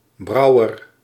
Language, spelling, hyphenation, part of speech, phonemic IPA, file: Dutch, Brouwer, Brou‧wer, proper noun, /ˈbrɑu̯ər/, Nl-Brouwer.ogg
- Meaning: a surname originating as an occupation